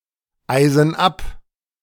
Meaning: inflection of abeisen: 1. first/third-person plural present 2. first/third-person plural subjunctive I
- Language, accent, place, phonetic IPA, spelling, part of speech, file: German, Germany, Berlin, [ˌaɪ̯zn̩ ˈap], eisen ab, verb, De-eisen ab.ogg